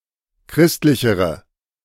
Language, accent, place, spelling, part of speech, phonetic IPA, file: German, Germany, Berlin, christlichere, adjective, [ˈkʁɪstlɪçəʁə], De-christlichere.ogg
- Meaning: inflection of christlich: 1. strong/mixed nominative/accusative feminine singular comparative degree 2. strong nominative/accusative plural comparative degree